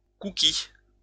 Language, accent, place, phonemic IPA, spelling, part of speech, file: French, France, Lyon, /ku.ki/, cookie, noun, LL-Q150 (fra)-cookie.wav
- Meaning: 1. cookie (American-style biscuit) 2. cookie